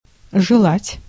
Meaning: 1. to wish, to desire 2. to covet 3. to wish, to bear
- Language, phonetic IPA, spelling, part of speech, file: Russian, [ʐɨˈɫatʲ], желать, verb, Ru-желать.ogg